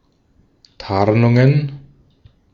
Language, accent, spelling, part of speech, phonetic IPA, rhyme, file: German, Austria, Tarnungen, noun, [ˈtaʁnʊŋən], -aʁnʊŋən, De-at-Tarnungen.ogg
- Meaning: plural of Tarnung